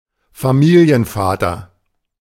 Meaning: family man
- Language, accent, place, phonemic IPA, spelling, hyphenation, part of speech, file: German, Germany, Berlin, /faˈmiːli̯ənˌfaːtɐ/, Familienvater, Fa‧mi‧li‧en‧va‧ter, noun, De-Familienvater.ogg